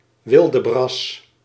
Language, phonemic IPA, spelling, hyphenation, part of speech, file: Dutch, /ˈʋɪl.dəˌbrɑs/, wildebras, wil‧de‧bras, noun, Nl-wildebras.ogg
- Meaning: a tomboy, an unruly, obstreperous child